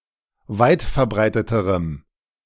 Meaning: strong dative masculine/neuter singular comparative degree of weitverbreitet
- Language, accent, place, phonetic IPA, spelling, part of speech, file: German, Germany, Berlin, [ˈvaɪ̯tfɛɐ̯ˌbʁaɪ̯tətəʁəm], weitverbreiteterem, adjective, De-weitverbreiteterem.ogg